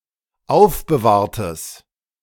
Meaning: strong/mixed nominative/accusative neuter singular of aufbewahrt
- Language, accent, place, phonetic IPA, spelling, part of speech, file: German, Germany, Berlin, [ˈaʊ̯fbəˌvaːɐ̯təs], aufbewahrtes, adjective, De-aufbewahrtes.ogg